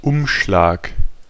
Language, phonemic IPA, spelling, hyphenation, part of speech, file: German, /ˈʊmʃlaːk/, Umschlag, Um‧schlag, noun, De-Umschlag.ogg
- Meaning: 1. envelope 2. wrapper, cover of a book, dust jacket 3. compress 4. turnover 5. transloading, handling